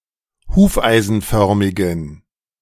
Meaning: inflection of hufeisenförmig: 1. strong genitive masculine/neuter singular 2. weak/mixed genitive/dative all-gender singular 3. strong/weak/mixed accusative masculine singular 4. strong dative plural
- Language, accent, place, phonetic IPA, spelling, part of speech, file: German, Germany, Berlin, [ˈhuːfʔaɪ̯zn̩ˌfœʁmɪɡn̩], hufeisenförmigen, adjective, De-hufeisenförmigen.ogg